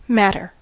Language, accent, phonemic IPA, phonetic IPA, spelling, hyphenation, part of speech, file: English, General American, /ˈmætɚ/, [ˈmæɾɚ], matter, mat‧ter, noun / verb, En-us-matter.ogg
- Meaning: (noun) Material; substance.: 1. Anything with mass and volume 2. Matter made up of normal particles, not antiparticles 3. A kind of substance 4. Printed material, especially in books or magazines